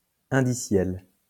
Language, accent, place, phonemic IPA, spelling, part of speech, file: French, France, Lyon, /ɛ̃.di.sjɛl/, indiciel, adjective, LL-Q150 (fra)-indiciel.wav
- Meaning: index; indicial